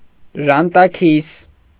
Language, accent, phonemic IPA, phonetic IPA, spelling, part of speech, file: Armenian, Eastern Armenian, /ʒɑntɑˈkʰis/, [ʒɑntɑkʰís], ժանտաքիս, noun, Hy-ժանտաքիս.ogg
- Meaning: polecat, European polecat, Mustela putorius